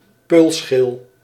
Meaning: alternative form of peulenschil
- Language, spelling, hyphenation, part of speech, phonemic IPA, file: Dutch, peulschil, peul‧schil, noun, /ˈpøːl.sxɪl/, Nl-peulschil.ogg